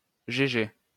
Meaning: 1. abbreviation of gouverneur-générale (“governor-general”) 2. abbreviation of gouverneure-générale (“female governor-general”)
- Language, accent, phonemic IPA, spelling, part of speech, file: French, France, /ʒe.ʒe/, GG, noun, LL-Q150 (fra)-GG.wav